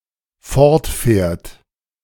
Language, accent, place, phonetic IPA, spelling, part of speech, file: German, Germany, Berlin, [ˈfɔʁtˌfɛːɐ̯t], fortfährt, verb, De-fortfährt.ogg
- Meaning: third-person singular dependent present of fortfahren